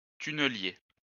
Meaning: tunnel boring machine, TBM, tunnelling machine (a large machine used to excavate tunnels with a circular cross section)
- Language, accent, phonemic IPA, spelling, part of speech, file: French, France, /ty.nə.lje/, tunnelier, noun, LL-Q150 (fra)-tunnelier.wav